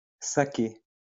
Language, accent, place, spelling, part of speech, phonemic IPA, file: French, France, Lyon, saké, noun, /sa.ke/, LL-Q150 (fra)-saké.wav
- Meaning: saké, rice wine